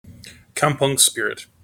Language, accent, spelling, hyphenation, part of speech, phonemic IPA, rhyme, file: English, General American, kampung spirit, kam‧pung spi‧rit, noun, /ˈkʌmpɔŋ ˈspɪɹɪt/, -ɪɹɪt, En-us-kampung spirit.mp3
- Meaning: A sense of social cohesion in a community and a willingness of neighbours to co-operate with each other